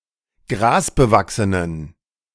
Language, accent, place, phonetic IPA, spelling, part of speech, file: German, Germany, Berlin, [ˈɡʁaːsbəˌvaksənən], grasbewachsenen, adjective, De-grasbewachsenen.ogg
- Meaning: inflection of grasbewachsen: 1. strong genitive masculine/neuter singular 2. weak/mixed genitive/dative all-gender singular 3. strong/weak/mixed accusative masculine singular 4. strong dative plural